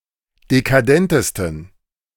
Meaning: 1. superlative degree of dekadent 2. inflection of dekadent: strong genitive masculine/neuter singular superlative degree
- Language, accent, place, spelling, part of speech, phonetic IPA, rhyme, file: German, Germany, Berlin, dekadentesten, adjective, [dekaˈdɛntəstn̩], -ɛntəstn̩, De-dekadentesten.ogg